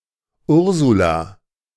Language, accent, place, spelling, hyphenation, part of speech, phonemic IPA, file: German, Germany, Berlin, Ursula, Ur‧su‧la, proper noun, /ˈʊʁzula/, De-Ursula.ogg
- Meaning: a female given name, very popular in German-speaking countries from the 1930s to the 1960s